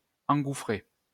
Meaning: 1. to engulf, swallow up 2. to gobble up; to eat up 3. to rush, dive into
- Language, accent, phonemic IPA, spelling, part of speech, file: French, France, /ɑ̃.ɡu.fʁe/, engouffrer, verb, LL-Q150 (fra)-engouffrer.wav